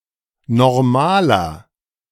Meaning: inflection of normal: 1. strong/mixed nominative masculine singular 2. strong genitive/dative feminine singular 3. strong genitive plural
- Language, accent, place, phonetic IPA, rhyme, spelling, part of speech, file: German, Germany, Berlin, [nɔʁˈmaːlɐ], -aːlɐ, normaler, adjective, De-normaler.ogg